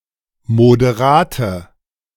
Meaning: inflection of moderat: 1. strong/mixed nominative/accusative feminine singular 2. strong nominative/accusative plural 3. weak nominative all-gender singular 4. weak accusative feminine/neuter singular
- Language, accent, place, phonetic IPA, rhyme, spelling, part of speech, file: German, Germany, Berlin, [modeˈʁaːtə], -aːtə, moderate, adjective, De-moderate.ogg